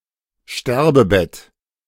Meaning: deathbed
- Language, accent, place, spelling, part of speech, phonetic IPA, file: German, Germany, Berlin, Sterbebett, noun, [ˈʃtɛʁbəˌbɛt], De-Sterbebett.ogg